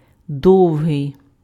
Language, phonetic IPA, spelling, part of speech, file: Ukrainian, [ˈdɔu̯ɦei̯], довгий, adjective, Uk-довгий.ogg
- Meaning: 1. long, lengthy 2. long (taking a long time)